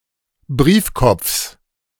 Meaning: genitive singular of Briefkopf
- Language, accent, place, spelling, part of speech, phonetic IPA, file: German, Germany, Berlin, Briefkopfs, noun, [ˈbʁiːfˌkɔp͡fs], De-Briefkopfs.ogg